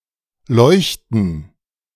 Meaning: 1. gerund of leuchten 2. radiance, brightness 3. luminescence, incandescence 4. plural of Leuchte
- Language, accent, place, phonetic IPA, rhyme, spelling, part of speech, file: German, Germany, Berlin, [ˈlɔɪ̯çtn̩], -ɔɪ̯çtn̩, Leuchten, noun, De-Leuchten.ogg